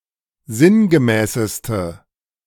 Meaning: inflection of sinngemäß: 1. strong/mixed nominative/accusative feminine singular superlative degree 2. strong nominative/accusative plural superlative degree
- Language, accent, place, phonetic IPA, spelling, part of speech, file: German, Germany, Berlin, [ˈzɪnɡəˌmɛːsəstə], sinngemäßeste, adjective, De-sinngemäßeste.ogg